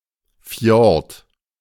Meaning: fjord (usually one in Scandinavia)
- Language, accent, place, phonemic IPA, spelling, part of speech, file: German, Germany, Berlin, /fjɔʁt/, Fjord, noun, De-Fjord.ogg